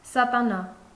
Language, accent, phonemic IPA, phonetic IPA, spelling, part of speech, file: Armenian, Eastern Armenian, /sɑtɑˈnɑ/, [sɑtɑnɑ́], սատանա, noun, Hy-սատանա.ogg
- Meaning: Satan, devil